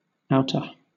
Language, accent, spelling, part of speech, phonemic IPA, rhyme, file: English, Southern England, outta, preposition, /ˈaʊtə/, -aʊtə, LL-Q1860 (eng)-outta.wav
- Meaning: Out of